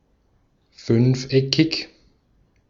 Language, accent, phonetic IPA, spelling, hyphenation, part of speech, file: German, Austria, [ˈfʏnfˌʔɛkʰɪç], fünfeckig, fünf‧eckig, adjective, De-at-fünfeckig.ogg
- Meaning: pentagonal, having five corners